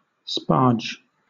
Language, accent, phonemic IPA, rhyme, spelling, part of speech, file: English, Southern England, /spɑɹd͡ʒ/, -ɑɹdʒ, sparge, verb / noun / adjective, LL-Q1860 (eng)-sparge.wav
- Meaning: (verb) 1. To sprinkle or spray 2. To introduce bubbles into (a liquid); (noun) Synonym of lautering; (adjective) That sparges